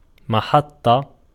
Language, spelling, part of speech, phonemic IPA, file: Arabic, محطة, noun, /ma.ħatˤ.tˤa/, Ar-محطة.ogg
- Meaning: station